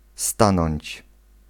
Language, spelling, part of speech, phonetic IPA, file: Polish, stanąć, verb, [ˈstãnɔ̃ɲt͡ɕ], Pl-stanąć.ogg